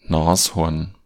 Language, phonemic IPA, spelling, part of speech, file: German, /ˈnaːsˌhɔʁn/, Nashorn, noun, De-Nashorn.ogg
- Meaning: rhinoceros